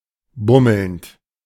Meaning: present participle of bummeln
- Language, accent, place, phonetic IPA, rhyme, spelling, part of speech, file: German, Germany, Berlin, [ˈbʊml̩nt], -ʊml̩nt, bummelnd, verb, De-bummelnd.ogg